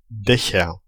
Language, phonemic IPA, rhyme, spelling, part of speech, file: German, /ˈdɛçɐ/, -ɛçɐ, Dächer, noun, De-Dächer.ogg
- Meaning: nominative/accusative/genitive plural of Dach